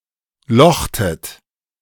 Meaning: inflection of lochen: 1. second-person plural preterite 2. second-person plural subjunctive II
- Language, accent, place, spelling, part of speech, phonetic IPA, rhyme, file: German, Germany, Berlin, lochtet, verb, [ˈlɔxtət], -ɔxtət, De-lochtet.ogg